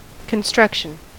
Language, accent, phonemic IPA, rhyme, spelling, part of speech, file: English, US, /kənˈstɹʌkʃən/, -ʌkʃən, construction, noun, En-us-construction.ogg
- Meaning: 1. The process of constructing 2. Anything that has been constructed 3. The trade of building structures 4. A building, model or some other structure